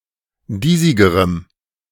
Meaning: strong dative masculine/neuter singular comparative degree of diesig
- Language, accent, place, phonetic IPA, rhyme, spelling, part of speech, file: German, Germany, Berlin, [ˈdiːzɪɡəʁəm], -iːzɪɡəʁəm, diesigerem, adjective, De-diesigerem.ogg